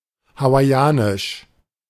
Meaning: Hawaiian (Hawaiian language)
- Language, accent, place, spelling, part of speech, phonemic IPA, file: German, Germany, Berlin, Hawaiianisch, proper noun, /havaɪ̯ˈaːnɪʃ/, De-Hawaiianisch.ogg